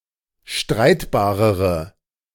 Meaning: inflection of streitbar: 1. strong/mixed nominative/accusative feminine singular comparative degree 2. strong nominative/accusative plural comparative degree
- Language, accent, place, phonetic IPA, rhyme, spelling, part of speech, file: German, Germany, Berlin, [ˈʃtʁaɪ̯tbaːʁəʁə], -aɪ̯tbaːʁəʁə, streitbarere, adjective, De-streitbarere.ogg